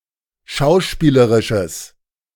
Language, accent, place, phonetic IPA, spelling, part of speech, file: German, Germany, Berlin, [ˈʃaʊ̯ˌʃpiːləʁɪʃəs], schauspielerisches, adjective, De-schauspielerisches.ogg
- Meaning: strong/mixed nominative/accusative neuter singular of schauspielerisch